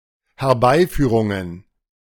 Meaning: plural of Herbeiführung
- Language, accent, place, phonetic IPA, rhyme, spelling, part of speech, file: German, Germany, Berlin, [hɛɐ̯ˈbaɪ̯ˌfyːʁʊŋən], -aɪ̯fyːʁʊŋən, Herbeiführungen, noun, De-Herbeiführungen.ogg